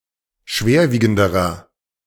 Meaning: inflection of schwerwiegend: 1. strong/mixed nominative masculine singular comparative degree 2. strong genitive/dative feminine singular comparative degree
- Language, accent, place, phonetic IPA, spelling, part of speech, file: German, Germany, Berlin, [ˈʃveːɐ̯ˌviːɡn̩dəʁɐ], schwerwiegenderer, adjective, De-schwerwiegenderer.ogg